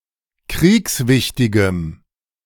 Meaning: strong dative masculine/neuter singular of kriegswichtig
- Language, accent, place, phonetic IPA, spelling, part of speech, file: German, Germany, Berlin, [ˈkʁiːksˌvɪçtɪɡəm], kriegswichtigem, adjective, De-kriegswichtigem.ogg